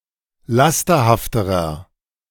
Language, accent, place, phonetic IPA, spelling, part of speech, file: German, Germany, Berlin, [ˈlastɐhaftəʁɐ], lasterhafterer, adjective, De-lasterhafterer.ogg
- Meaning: inflection of lasterhaft: 1. strong/mixed nominative masculine singular comparative degree 2. strong genitive/dative feminine singular comparative degree 3. strong genitive plural comparative degree